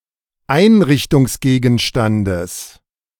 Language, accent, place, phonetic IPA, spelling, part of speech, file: German, Germany, Berlin, [ˈaɪ̯nʁɪçtʊŋsˌɡeːɡn̩ʃtandəs], Einrichtungsgegenstandes, noun, De-Einrichtungsgegenstandes.ogg
- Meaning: genitive singular of Einrichtungsgegenstand